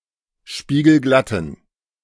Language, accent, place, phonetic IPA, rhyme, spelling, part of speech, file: German, Germany, Berlin, [ˌʃpiːɡl̩ˈɡlatn̩], -atn̩, spiegelglatten, adjective, De-spiegelglatten.ogg
- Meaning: inflection of spiegelglatt: 1. strong genitive masculine/neuter singular 2. weak/mixed genitive/dative all-gender singular 3. strong/weak/mixed accusative masculine singular 4. strong dative plural